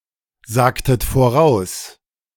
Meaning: inflection of voraussagen: 1. second-person plural preterite 2. second-person plural subjunctive II
- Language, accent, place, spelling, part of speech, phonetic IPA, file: German, Germany, Berlin, sagtet voraus, verb, [ˌzaːktət foˈʁaʊ̯s], De-sagtet voraus.ogg